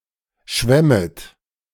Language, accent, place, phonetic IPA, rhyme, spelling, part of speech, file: German, Germany, Berlin, [ˈʃvɛmət], -ɛmət, schwämmet, verb, De-schwämmet.ogg
- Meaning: second-person plural subjunctive I of schwimmen